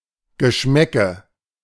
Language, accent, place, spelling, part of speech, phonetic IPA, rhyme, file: German, Germany, Berlin, Geschmäcke, noun, [ɡəˈʃmɛkə], -ɛkə, De-Geschmäcke.ogg
- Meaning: nominative/accusative/genitive plural of Geschmack